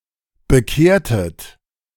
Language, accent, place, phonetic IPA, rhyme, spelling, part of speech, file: German, Germany, Berlin, [bəˈkeːɐ̯tət], -eːɐ̯tət, bekehrtet, verb, De-bekehrtet.ogg
- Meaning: inflection of bekehren: 1. second-person plural preterite 2. second-person plural subjunctive II